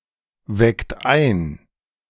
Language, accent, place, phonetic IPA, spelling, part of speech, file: German, Germany, Berlin, [ˌvɛkt ˈaɪ̯n], weckt ein, verb, De-weckt ein.ogg
- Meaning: inflection of einwecken: 1. second-person plural present 2. third-person singular present 3. plural imperative